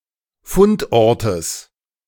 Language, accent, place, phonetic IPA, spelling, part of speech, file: German, Germany, Berlin, [ˈfʊntˌʔɔʁtəs], Fundortes, noun, De-Fundortes.ogg
- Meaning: genitive singular of Fundort